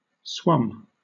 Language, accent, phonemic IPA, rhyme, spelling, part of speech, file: English, Southern England, /swʌm/, -ʌm, swum, verb, LL-Q1860 (eng)-swum.wav
- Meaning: 1. past participle of swim 2. simple past of swim